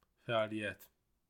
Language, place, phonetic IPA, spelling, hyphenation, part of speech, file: Azerbaijani, Baku, [fæ.ɑliˈjæt], fəaliyyət, fə‧al‧iy‧yət, noun, Az-az-fəaliyyət.ogg
- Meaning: 1. activity (something done as an action or a movement) 2. action, activity